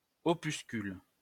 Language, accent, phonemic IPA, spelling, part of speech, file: French, France, /ɔ.pys.kyl/, opuscule, noun, LL-Q150 (fra)-opuscule.wav
- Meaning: opuscule